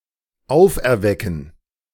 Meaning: to raise up, awaken
- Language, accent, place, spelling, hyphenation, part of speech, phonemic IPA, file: German, Germany, Berlin, auferwecken, auf‧er‧we‧cken, verb, /ˈaʊ̯fʔɛɐ̯ˈvɛkn̩/, De-auferwecken.ogg